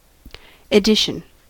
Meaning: 1. A written work edited and published, as by a certain editor or in a certain manner, or at a certain time 2. The whole number of copies of a work printed and published at one time
- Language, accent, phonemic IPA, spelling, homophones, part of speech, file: English, US, /ɪˈdɪʃ(ə)n/, edition, addition / Edison, noun, En-us-edition.ogg